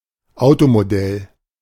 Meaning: 1. car model (type) 2. model (replica) car
- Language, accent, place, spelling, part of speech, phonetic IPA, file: German, Germany, Berlin, Automodell, noun, [ˈaʊ̯tomoˌdɛl], De-Automodell.ogg